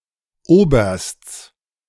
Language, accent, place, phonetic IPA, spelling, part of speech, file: German, Germany, Berlin, [ˈoːbɐst͡s], Obersts, noun, De-Obersts.ogg
- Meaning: genitive singular of Oberst